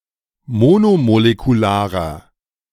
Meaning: inflection of monomolekular: 1. strong/mixed nominative masculine singular 2. strong genitive/dative feminine singular 3. strong genitive plural
- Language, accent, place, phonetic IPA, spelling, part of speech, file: German, Germany, Berlin, [ˈmoːnomolekuˌlaːʁɐ], monomolekularer, adjective, De-monomolekularer.ogg